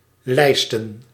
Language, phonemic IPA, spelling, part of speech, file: Dutch, /ˈlɛistə(n)/, lijsten, noun, Nl-lijsten.ogg
- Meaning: plural of lijst